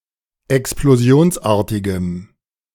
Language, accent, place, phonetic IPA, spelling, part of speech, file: German, Germany, Berlin, [ɛksploˈzi̯oːnsˌʔaːɐ̯tɪɡəm], explosionsartigem, adjective, De-explosionsartigem.ogg
- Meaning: strong dative masculine/neuter singular of explosionsartig